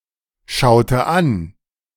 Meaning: inflection of anschauen: 1. first/third-person singular preterite 2. first/third-person singular subjunctive II
- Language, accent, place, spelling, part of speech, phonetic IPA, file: German, Germany, Berlin, schaute an, verb, [ˌʃaʊ̯tə ˈan], De-schaute an.ogg